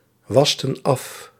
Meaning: inflection of afwassen: 1. plural past indicative 2. plural past subjunctive
- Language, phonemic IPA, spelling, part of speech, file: Dutch, /ˈwɑstə(n) ˈɑf/, wasten af, verb, Nl-wasten af.ogg